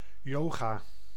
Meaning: yoga
- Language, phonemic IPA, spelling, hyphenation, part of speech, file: Dutch, /ˈjoː.ɣaː/, yoga, yo‧ga, noun, Nl-yoga.ogg